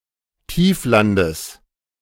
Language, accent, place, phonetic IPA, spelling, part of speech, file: German, Germany, Berlin, [ˈtiːfˌlandəs], Tieflandes, noun, De-Tieflandes.ogg
- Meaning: genitive singular of Tiefland